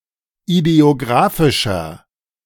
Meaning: inflection of ideographisch: 1. strong/mixed nominative masculine singular 2. strong genitive/dative feminine singular 3. strong genitive plural
- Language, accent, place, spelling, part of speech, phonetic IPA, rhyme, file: German, Germany, Berlin, ideographischer, adjective, [ideoˈɡʁaːfɪʃɐ], -aːfɪʃɐ, De-ideographischer.ogg